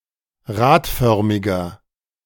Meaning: inflection of radförmig: 1. strong/mixed nominative masculine singular 2. strong genitive/dative feminine singular 3. strong genitive plural
- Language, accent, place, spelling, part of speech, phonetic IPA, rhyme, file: German, Germany, Berlin, radförmiger, adjective, [ˈʁaːtˌfœʁmɪɡɐ], -aːtfœʁmɪɡɐ, De-radförmiger.ogg